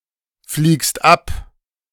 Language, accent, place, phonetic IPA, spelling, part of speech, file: German, Germany, Berlin, [fliːkst ˈap], fliegst ab, verb, De-fliegst ab.ogg
- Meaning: second-person singular present of abfliegen